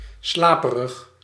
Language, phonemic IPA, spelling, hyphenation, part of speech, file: Dutch, /ˈslaː.pə.rəx/, slaperig, sla‧pe‧rig, adjective, Nl-slaperig.ogg
- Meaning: sleepy, tending to go to sleep